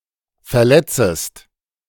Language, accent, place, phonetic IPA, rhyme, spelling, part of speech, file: German, Germany, Berlin, [fɛɐ̯ˈlɛt͡səst], -ɛt͡səst, verletzest, verb, De-verletzest.ogg
- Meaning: second-person singular subjunctive I of verletzen